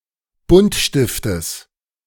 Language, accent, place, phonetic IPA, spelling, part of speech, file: German, Germany, Berlin, [ˈbʊntˌʃtɪftəs], Buntstiftes, noun, De-Buntstiftes.ogg
- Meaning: genitive singular of Buntstift